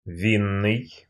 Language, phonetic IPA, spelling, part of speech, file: Russian, [ˈvʲinːɨj], винный, adjective, Ru-винный.ogg
- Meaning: wine